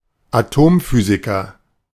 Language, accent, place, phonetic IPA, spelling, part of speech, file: German, Germany, Berlin, [aˈtoːmˌfyːzɪkɐ], Atomphysiker, noun, De-Atomphysiker.ogg
- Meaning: atomic physicist